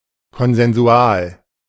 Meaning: consensual
- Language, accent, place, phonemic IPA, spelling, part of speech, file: German, Germany, Berlin, /kɔnzɛnˈzu̯aːl/, konsensual, adjective, De-konsensual.ogg